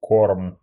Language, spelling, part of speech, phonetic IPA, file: Russian, корм, noun, [korm], Ru-корм.ogg
- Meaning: 1. feed, fodder, food for animals 2. the act of feeding 3. genitive plural of корма́ (kormá)